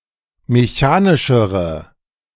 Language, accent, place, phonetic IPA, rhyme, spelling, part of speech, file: German, Germany, Berlin, [meˈçaːnɪʃəʁə], -aːnɪʃəʁə, mechanischere, adjective, De-mechanischere.ogg
- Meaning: inflection of mechanisch: 1. strong/mixed nominative/accusative feminine singular comparative degree 2. strong nominative/accusative plural comparative degree